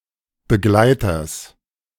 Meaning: genitive singular of Begleiter
- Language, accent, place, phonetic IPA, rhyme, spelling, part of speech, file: German, Germany, Berlin, [bəˈɡlaɪ̯tɐs], -aɪ̯tɐs, Begleiters, noun, De-Begleiters.ogg